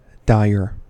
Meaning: 1. Warning of bad consequences: ill-boding; portentous 2. Requiring action to prevent bad consequences: urgent, pressing 3. Expressing bad consequences: dreadful; dismal
- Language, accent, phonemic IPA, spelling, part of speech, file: English, US, /ˈdaɪ̯ə(ɹ)/, dire, adjective, En-us-dire.ogg